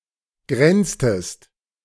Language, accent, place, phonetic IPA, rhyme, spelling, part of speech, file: German, Germany, Berlin, [ˈɡʁɛnt͡stəst], -ɛnt͡stəst, grenztest, verb, De-grenztest.ogg
- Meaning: inflection of grenzen: 1. second-person singular preterite 2. second-person singular subjunctive II